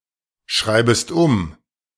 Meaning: second-person singular subjunctive I of umschreiben
- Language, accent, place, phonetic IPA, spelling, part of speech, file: German, Germany, Berlin, [ˈʃʁaɪ̯bəst ʊm], schreibest um, verb, De-schreibest um.ogg